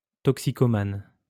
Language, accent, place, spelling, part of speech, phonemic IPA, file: French, France, Lyon, toxicomane, noun, /tɔk.si.ko.man/, LL-Q150 (fra)-toxicomane.wav
- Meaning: drug addict